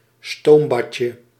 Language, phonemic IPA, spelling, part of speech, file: Dutch, /ˈstombɑcə/, stoombadje, noun, Nl-stoombadje.ogg
- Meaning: diminutive of stoombad